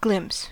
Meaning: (verb) 1. To see or view (someone, or something tangible) briefly and incompletely 2. To perceive (something intangible) briefly and incompletely
- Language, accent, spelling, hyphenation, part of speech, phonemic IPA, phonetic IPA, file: English, General American, glimpse, glimpse, verb / noun, /ˈɡlɪm(p)s/, [ˈɡl̥ɪm(p)s], En-us-glimpse.ogg